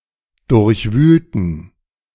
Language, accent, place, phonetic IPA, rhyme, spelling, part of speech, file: German, Germany, Berlin, [ˌdʊʁçˈvyːltn̩], -yːltn̩, durchwühlten, adjective / verb, De-durchwühlten.ogg
- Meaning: inflection of durchwühlen: 1. first/third-person plural preterite 2. first/third-person plural subjunctive II